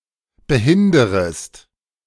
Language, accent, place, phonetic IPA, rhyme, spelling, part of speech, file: German, Germany, Berlin, [bəˈhɪndəʁəst], -ɪndəʁəst, behinderest, verb, De-behinderest.ogg
- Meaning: second-person singular subjunctive I of behindern